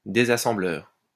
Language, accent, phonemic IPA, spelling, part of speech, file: French, France, /de.za.sɑ̃.blœʁ/, désassembleur, noun, LL-Q150 (fra)-désassembleur.wav
- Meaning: disassembler